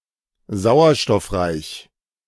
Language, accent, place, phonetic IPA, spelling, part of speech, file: German, Germany, Berlin, [ˈzaʊ̯ɐʃtɔfˌʁaɪ̯ç], sauerstoffreich, adjective, De-sauerstoffreich.ogg
- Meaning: oxygenated, oxygen-rich